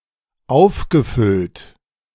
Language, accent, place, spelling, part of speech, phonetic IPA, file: German, Germany, Berlin, aufgefüllt, verb, [ˈaʊ̯fɡəˌfʏlt], De-aufgefüllt.ogg
- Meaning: past participle of auffüllen